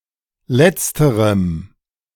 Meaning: strong dative masculine/neuter singular of letztere
- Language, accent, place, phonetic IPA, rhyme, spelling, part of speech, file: German, Germany, Berlin, [ˈlɛt͡stəʁəm], -ɛt͡stəʁəm, letzterem, adjective, De-letzterem.ogg